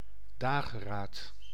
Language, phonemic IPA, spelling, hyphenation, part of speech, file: Dutch, /ˈdaː.ɣəˌraːt/, dageraad, da‧ge‧raad, noun, Nl-dageraad.ogg
- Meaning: dawn, daybreak